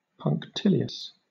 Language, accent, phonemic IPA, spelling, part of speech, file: English, Southern England, /pʌŋkˈtɪli.əs/, punctilious, adjective, LL-Q1860 (eng)-punctilious.wav
- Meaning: 1. Strictly attentive to detail; meticulous or fastidious, particularly to codes or conventions 2. Precise or scrupulous; finicky or nitpicky